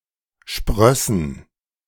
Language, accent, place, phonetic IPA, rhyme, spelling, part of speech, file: German, Germany, Berlin, [ˈʃpʁœsn̩], -œsn̩, sprössen, verb, De-sprössen.ogg
- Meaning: first/third-person plural subjunctive II of sprießen